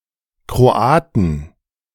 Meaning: 1. genitive/dative/accusative singular of Kroate 2. plural of Kroate
- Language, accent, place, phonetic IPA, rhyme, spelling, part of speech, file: German, Germany, Berlin, [kʁoˈaːtn̩], -aːtn̩, Kroaten, noun, De-Kroaten.ogg